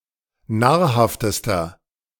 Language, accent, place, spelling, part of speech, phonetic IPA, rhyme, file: German, Germany, Berlin, nahrhaftester, adjective, [ˈnaːɐ̯ˌhaftəstɐ], -aːɐ̯haftəstɐ, De-nahrhaftester.ogg
- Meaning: inflection of nahrhaft: 1. strong/mixed nominative masculine singular superlative degree 2. strong genitive/dative feminine singular superlative degree 3. strong genitive plural superlative degree